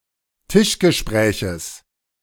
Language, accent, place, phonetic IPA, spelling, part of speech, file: German, Germany, Berlin, [ˈtɪʃɡəˌʃpʁɛːçəs], Tischgespräches, noun, De-Tischgespräches.ogg
- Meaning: genitive singular of Tischgespräch